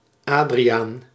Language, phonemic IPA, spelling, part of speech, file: Dutch, /ˈaːdri.aːn/, Adriaan, proper noun, Nl-Adriaan.ogg
- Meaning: a male given name, equivalent to English Adrian